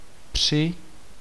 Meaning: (preposition) 1. at, during 2. into, around 3. by, with, over; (noun) dative/accusative/locative singular of pře; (verb) second-person singular imperative of přít
- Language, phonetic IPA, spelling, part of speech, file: Czech, [ˈpr̝̊ɪ], při, preposition / noun / verb, Cs-při.ogg